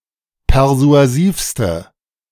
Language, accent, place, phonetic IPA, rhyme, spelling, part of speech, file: German, Germany, Berlin, [pɛʁzu̯aˈziːfstə], -iːfstə, persuasivste, adjective, De-persuasivste.ogg
- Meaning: inflection of persuasiv: 1. strong/mixed nominative/accusative feminine singular superlative degree 2. strong nominative/accusative plural superlative degree